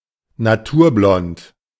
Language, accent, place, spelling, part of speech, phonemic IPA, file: German, Germany, Berlin, naturblond, adjective, /naˈtuːɐ̯ˌblɔnt/, De-naturblond.ogg
- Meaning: natural-blond